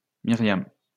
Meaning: a female given name, equivalent to English Miriam
- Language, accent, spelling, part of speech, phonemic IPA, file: French, France, Myriam, proper noun, /mi.ʁjam/, LL-Q150 (fra)-Myriam.wav